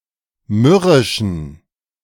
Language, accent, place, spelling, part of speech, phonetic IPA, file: German, Germany, Berlin, mürrischen, adjective, [ˈmʏʁɪʃn̩], De-mürrischen.ogg
- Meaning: inflection of mürrisch: 1. strong genitive masculine/neuter singular 2. weak/mixed genitive/dative all-gender singular 3. strong/weak/mixed accusative masculine singular 4. strong dative plural